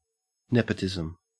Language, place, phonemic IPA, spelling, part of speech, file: English, Queensland, /ˈnep.ə.tɪ.zəm/, nepotism, noun, En-au-nepotism.ogg
- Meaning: The favoring of relatives (most strictly) or also personal friends (more broadly) because of their relationship rather than because of their abilities